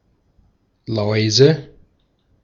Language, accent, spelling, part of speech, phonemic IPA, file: German, Austria, Läuse, noun, /ˈlɔɪ̯zə/, De-at-Läuse.ogg
- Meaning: nominative/accusative/genitive plural of Laus